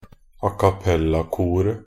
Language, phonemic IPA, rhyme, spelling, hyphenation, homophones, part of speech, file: Norwegian Bokmål, /akaˈpɛlːakuːrə/, -uːrə, acappellakoret, a‧cap‧pel‧la‧ko‧ret, a cappella-koret, noun, Nb-acappellakoret.ogg
- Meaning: definite singular of acappellakor